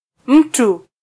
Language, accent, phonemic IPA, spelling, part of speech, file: Swahili, Kenya, /ˈm̩.tu/, mtu, noun, Sw-ke-mtu.flac
- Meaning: 1. person (human being) 2. someone